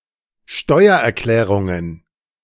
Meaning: plural of Steuererklärung
- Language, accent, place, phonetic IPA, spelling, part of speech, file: German, Germany, Berlin, [ˈʃtɔɪ̯ɐʔɛɐ̯ˌklɛːʁʊŋən], Steuererklärungen, noun, De-Steuererklärungen.ogg